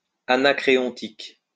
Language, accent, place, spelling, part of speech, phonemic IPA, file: French, France, Lyon, anacréontique, adjective, /a.na.kʁe.ɔ̃.tik/, LL-Q150 (fra)-anacréontique.wav
- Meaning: anacreontic